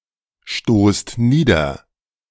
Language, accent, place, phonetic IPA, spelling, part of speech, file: German, Germany, Berlin, [ˌʃtoːst ˈniːdɐ], stoßt nieder, verb, De-stoßt nieder.ogg
- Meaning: inflection of niederstoßen: 1. second-person plural present 2. plural imperative